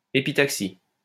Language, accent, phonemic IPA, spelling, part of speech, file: French, France, /e.pi.tak.si/, épitaxie, noun / verb, LL-Q150 (fra)-épitaxie.wav
- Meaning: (noun) epitaxy; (verb) inflection of épitaxier: 1. first/third-person singular present indicative/subjunctive 2. second-person singular imperative